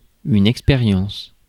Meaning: 1. experiment, trial, test 2. experience (something one goes through) 3. experience, knowledge and skills
- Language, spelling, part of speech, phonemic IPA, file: French, expérience, noun, /ɛk.spe.ʁjɑ̃s/, Fr-expérience.ogg